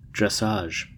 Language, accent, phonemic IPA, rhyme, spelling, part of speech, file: English, US, /ˈdɹɛs.ɑːʒ/, -ɑːʒ, dressage, noun, En-us-dressage.ogg
- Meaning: The schooling of a horse